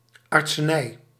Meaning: 1. medicine, medical practice or study 2. medicine, medical drug
- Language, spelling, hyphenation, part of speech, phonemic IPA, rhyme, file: Dutch, artsenij, art‧se‧nij, noun, /ˌɑrtsəˈnɛi̯/, -ɛi̯, Nl-artsenij.ogg